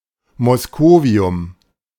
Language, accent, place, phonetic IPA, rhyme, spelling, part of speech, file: German, Germany, Berlin, [mɔsˈkoːvi̯ʊm], -oːvi̯ʊm, Moscovium, noun, De-Moscovium.ogg
- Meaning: moscovium